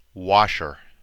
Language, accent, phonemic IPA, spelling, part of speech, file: English, US, /ˈwɑʃɚ/, washer, noun / verb, En-us-washer.ogg
- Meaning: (noun) 1. Something that washes; especially an appliance such as a washing machine or dishwasher 2. A person who washes (especially clothes) for a living; a washerman or washerwoman